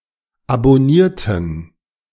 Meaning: inflection of abonnieren: 1. first/third-person plural preterite 2. first/third-person plural subjunctive II
- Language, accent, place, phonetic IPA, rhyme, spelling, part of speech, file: German, Germany, Berlin, [abɔˈniːɐ̯tn̩], -iːɐ̯tn̩, abonnierten, adjective / verb, De-abonnierten.ogg